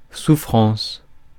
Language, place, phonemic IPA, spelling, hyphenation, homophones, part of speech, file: French, Paris, /su.fʁɑ̃s/, souffrance, sou‧ffrance, souffrances, noun, Fr-souffrance.ogg
- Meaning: sufferance, pain, suffering